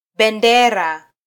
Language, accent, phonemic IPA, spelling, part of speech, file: Swahili, Kenya, /ɓɛˈⁿdɛ.ɾɑ/, bendera, noun, Sw-ke-bendera.flac
- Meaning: flag (fabric with distinctive design used as a signal)